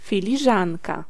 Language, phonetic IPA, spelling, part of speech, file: Polish, [ˌfʲilʲiˈʒãnka], filiżanka, noun, Pl-filiżanka.ogg